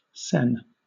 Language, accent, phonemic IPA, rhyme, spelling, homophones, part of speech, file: English, Southern England, /sɛn/, -ɛn, sen, Seine, noun, LL-Q1860 (eng)-sen.wav
- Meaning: 1. Self 2. A unit of Japanese currency, worth one hundredth of a yen 3. A coin of this value 4. A unit of Indonesian currency, worth one hundredth of a rupiah